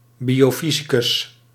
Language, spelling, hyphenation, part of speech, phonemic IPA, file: Dutch, biofysicus, bio‧fy‧si‧cus, noun, /ˌbi.oːˈfi.zi.kʏs/, Nl-biofysicus.ogg
- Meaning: biophysicist